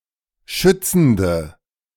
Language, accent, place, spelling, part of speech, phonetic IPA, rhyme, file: German, Germany, Berlin, schützende, adjective, [ˈʃʏt͡sn̩də], -ʏt͡sn̩də, De-schützende.ogg
- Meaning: inflection of schützend: 1. strong/mixed nominative/accusative feminine singular 2. strong nominative/accusative plural 3. weak nominative all-gender singular